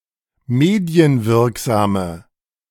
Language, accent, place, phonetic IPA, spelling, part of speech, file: German, Germany, Berlin, [ˈmeːdi̯ənˌvɪʁkzaːmə], medienwirksame, adjective, De-medienwirksame.ogg
- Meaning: inflection of medienwirksam: 1. strong/mixed nominative/accusative feminine singular 2. strong nominative/accusative plural 3. weak nominative all-gender singular